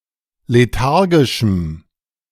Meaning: strong dative masculine/neuter singular of lethargisch
- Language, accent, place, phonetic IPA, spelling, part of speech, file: German, Germany, Berlin, [leˈtaʁɡɪʃm̩], lethargischem, adjective, De-lethargischem.ogg